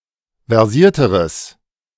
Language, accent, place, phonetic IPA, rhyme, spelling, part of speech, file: German, Germany, Berlin, [vɛʁˈziːɐ̯təʁəs], -iːɐ̯təʁəs, versierteres, adjective, De-versierteres.ogg
- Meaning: strong/mixed nominative/accusative neuter singular comparative degree of versiert